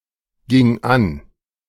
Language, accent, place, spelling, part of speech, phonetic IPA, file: German, Germany, Berlin, ging an, verb, [ˌɡɪŋ ˈan], De-ging an.ogg
- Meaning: first/third-person singular preterite of angehen